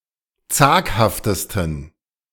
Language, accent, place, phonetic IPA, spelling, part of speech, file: German, Germany, Berlin, [ˈt͡saːkhaftəstn̩], zaghaftesten, adjective, De-zaghaftesten.ogg
- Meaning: 1. superlative degree of zaghaft 2. inflection of zaghaft: strong genitive masculine/neuter singular superlative degree